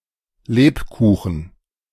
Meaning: lebkuchen (a form of gingerbread)
- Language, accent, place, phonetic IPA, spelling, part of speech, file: German, Germany, Berlin, [ˈleːpˌkuːxn̩], Lebkuchen, noun, De-Lebkuchen.ogg